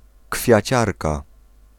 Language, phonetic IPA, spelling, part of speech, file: Polish, [kfʲjäˈt͡ɕarka], kwiaciarka, noun, Pl-kwiaciarka.ogg